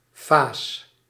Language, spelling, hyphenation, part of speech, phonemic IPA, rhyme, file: Dutch, faas, faas, noun, /faːs/, -aːs, Nl-faas.ogg
- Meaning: fess